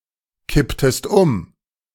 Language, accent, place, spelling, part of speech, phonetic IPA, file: German, Germany, Berlin, kipptest um, verb, [ˌkɪptəst ˈʊm], De-kipptest um.ogg
- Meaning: inflection of umkippen: 1. second-person singular preterite 2. second-person singular subjunctive II